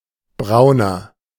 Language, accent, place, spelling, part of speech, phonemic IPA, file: German, Germany, Berlin, Brauner, noun, /ˈbʁaʊ̯nɐ/, De-Brauner.ogg
- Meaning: 1. brown horse 2. coffee with cream or milk